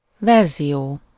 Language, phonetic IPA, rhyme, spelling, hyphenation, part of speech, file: Hungarian, [ˈvɛrzijoː], -joː, verzió, ver‧zió, noun, Hu-verzió.ogg
- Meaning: version